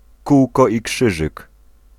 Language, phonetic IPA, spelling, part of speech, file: Polish, [ˈkuwkɔ i‿ˈkʃɨʒɨk], kółko i krzyżyk, noun, Pl-kółko i krzyżyk.ogg